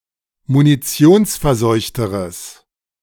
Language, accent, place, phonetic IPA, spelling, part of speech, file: German, Germany, Berlin, [muniˈt͡si̯oːnsfɛɐ̯ˌzɔɪ̯çtəʁəs], munitionsverseuchteres, adjective, De-munitionsverseuchteres.ogg
- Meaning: strong/mixed nominative/accusative neuter singular comparative degree of munitionsverseucht